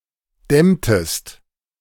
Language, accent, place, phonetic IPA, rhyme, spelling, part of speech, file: German, Germany, Berlin, [ˈdɛmtəst], -ɛmtəst, dämmtest, verb, De-dämmtest.ogg
- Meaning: inflection of dämmen: 1. second-person singular preterite 2. second-person singular subjunctive II